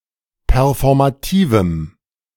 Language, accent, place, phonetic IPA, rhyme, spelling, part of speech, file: German, Germany, Berlin, [pɛʁfɔʁmaˈtiːvm̩], -iːvm̩, performativem, adjective, De-performativem.ogg
- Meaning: strong dative masculine/neuter singular of performativ